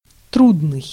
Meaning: hard, difficult
- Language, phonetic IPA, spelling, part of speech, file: Russian, [ˈtrudnɨj], трудный, adjective, Ru-трудный.ogg